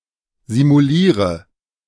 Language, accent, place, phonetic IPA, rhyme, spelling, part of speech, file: German, Germany, Berlin, [zimuˈliːʁə], -iːʁə, simuliere, verb, De-simuliere.ogg
- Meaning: inflection of simulieren: 1. first-person singular present 2. first/third-person singular subjunctive I 3. singular imperative